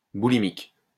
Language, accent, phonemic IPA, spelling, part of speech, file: French, France, /bu.li.mik/, boulimique, adjective, LL-Q150 (fra)-boulimique.wav
- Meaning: 1. bulimic 2. ravenous, frenetic